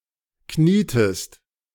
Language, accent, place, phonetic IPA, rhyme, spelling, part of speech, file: German, Germany, Berlin, [ˈkniːtəst], -iːtəst, knietest, verb, De-knietest.ogg
- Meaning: inflection of knien: 1. second-person singular preterite 2. second-person singular subjunctive II